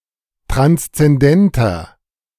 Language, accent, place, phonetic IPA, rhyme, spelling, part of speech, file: German, Germany, Berlin, [ˌtʁanst͡sɛnˈdɛntɐ], -ɛntɐ, transzendenter, adjective, De-transzendenter.ogg
- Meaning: inflection of transzendent: 1. strong/mixed nominative masculine singular 2. strong genitive/dative feminine singular 3. strong genitive plural